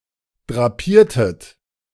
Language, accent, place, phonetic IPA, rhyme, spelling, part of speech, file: German, Germany, Berlin, [dʁaˈpiːɐ̯tət], -iːɐ̯tət, drapiertet, verb, De-drapiertet.ogg
- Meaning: inflection of drapieren: 1. second-person plural preterite 2. second-person plural subjunctive II